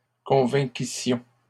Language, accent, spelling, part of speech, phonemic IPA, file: French, Canada, convainquissions, verb, /kɔ̃.vɛ̃.ki.sjɔ̃/, LL-Q150 (fra)-convainquissions.wav
- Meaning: first-person plural imperfect subjunctive of convaincre